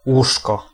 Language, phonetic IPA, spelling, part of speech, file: Polish, [ˈwuʃkɔ], łóżko, noun, Pl-łóżko.ogg